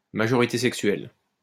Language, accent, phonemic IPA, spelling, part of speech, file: French, France, /ma.ʒɔ.ʁi.te sɛk.sɥɛl/, majorité sexuelle, noun, LL-Q150 (fra)-majorité sexuelle.wav
- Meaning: age of consent